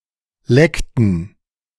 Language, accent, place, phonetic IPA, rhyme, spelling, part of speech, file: German, Germany, Berlin, [ˈlɛktn̩], -ɛktn̩, leckten, verb, De-leckten.ogg
- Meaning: inflection of lecken: 1. first/third-person plural preterite 2. first/third-person plural subjunctive II